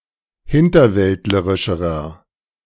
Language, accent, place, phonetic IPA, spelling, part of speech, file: German, Germany, Berlin, [ˈhɪntɐˌvɛltləʁɪʃəʁɐ], hinterwäldlerischerer, adjective, De-hinterwäldlerischerer.ogg
- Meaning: inflection of hinterwäldlerisch: 1. strong/mixed nominative masculine singular comparative degree 2. strong genitive/dative feminine singular comparative degree